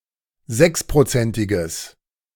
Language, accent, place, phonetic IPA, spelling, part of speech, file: German, Germany, Berlin, [ˈzɛkspʁoˌt͡sɛntɪɡəs], sechsprozentiges, adjective, De-sechsprozentiges.ogg
- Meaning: strong/mixed nominative/accusative neuter singular of sechsprozentig